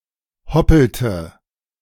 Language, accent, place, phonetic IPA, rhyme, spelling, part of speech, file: German, Germany, Berlin, [ˈhɔpl̩tə], -ɔpl̩tə, hoppelte, verb, De-hoppelte.ogg
- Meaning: inflection of hoppeln: 1. first/third-person singular preterite 2. first/third-person singular subjunctive II